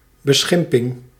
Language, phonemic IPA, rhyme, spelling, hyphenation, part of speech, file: Dutch, /bəˈsxɪm.pɪŋ/, -ɪmpɪŋ, beschimping, be‧schim‧ping, noun, Nl-beschimping.ogg
- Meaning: insult, mocking reproach